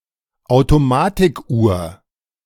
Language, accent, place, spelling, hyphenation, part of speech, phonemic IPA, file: German, Germany, Berlin, Automatikuhr, Au‧to‧ma‧tik‧uhr, noun, /ˌaʊ̯toˈmaːtɪkʔuːɐ̯/, De-Automatikuhr.ogg
- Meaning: self-winding watch